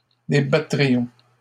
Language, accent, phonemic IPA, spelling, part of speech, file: French, Canada, /de.ba.tʁi.jɔ̃/, débattrions, verb, LL-Q150 (fra)-débattrions.wav
- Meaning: first-person plural conditional of débattre